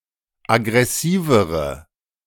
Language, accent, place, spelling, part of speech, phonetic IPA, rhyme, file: German, Germany, Berlin, aggressivere, adjective, [aɡʁɛˈsiːvəʁə], -iːvəʁə, De-aggressivere.ogg
- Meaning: inflection of aggressiv: 1. strong/mixed nominative/accusative feminine singular comparative degree 2. strong nominative/accusative plural comparative degree